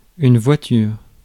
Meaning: 1. car (wheeled vehicle usually pulled by a horse) 2. car (wagon) 3. car (motorized vehicle)
- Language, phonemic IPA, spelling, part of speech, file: French, /vwa.tyʁ/, voiture, noun, Fr-voiture.ogg